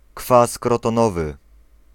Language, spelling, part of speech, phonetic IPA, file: Polish, kwas krotonowy, noun, [ˈkfas ˌkrɔtɔ̃ˈnɔvɨ], Pl-kwas krotonowy.ogg